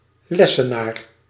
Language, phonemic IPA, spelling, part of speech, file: Dutch, /ˈlɛsəˌnar/, lessenaar, noun, Nl-lessenaar.ogg
- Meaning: 1. lectern, stand for books or lecture notes 2. teacher's desk 3. desk